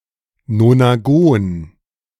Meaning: nonagon
- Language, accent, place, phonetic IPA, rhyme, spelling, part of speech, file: German, Germany, Berlin, [nonaˈɡoːn], -oːn, Nonagon, noun, De-Nonagon.ogg